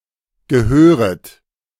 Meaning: second-person plural subjunctive I of gehören
- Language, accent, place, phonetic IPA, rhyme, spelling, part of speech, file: German, Germany, Berlin, [ɡəˈhøːʁət], -øːʁət, gehöret, verb, De-gehöret.ogg